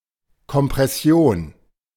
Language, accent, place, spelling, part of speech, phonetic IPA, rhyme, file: German, Germany, Berlin, Kompression, noun, [kɔmpʁɛˈsi̯oːn], -oːn, De-Kompression.ogg
- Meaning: compression; synonym of Verdichtung